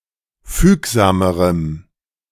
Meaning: strong dative masculine/neuter singular comparative degree of fügsam
- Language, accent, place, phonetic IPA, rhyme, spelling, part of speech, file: German, Germany, Berlin, [ˈfyːkzaːməʁəm], -yːkzaːməʁəm, fügsamerem, adjective, De-fügsamerem.ogg